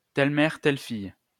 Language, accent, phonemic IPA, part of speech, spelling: French, France, /tɛl mɛʁ | tɛl fij/, proverb, telle mère, telle fille
- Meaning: like mother, like daughter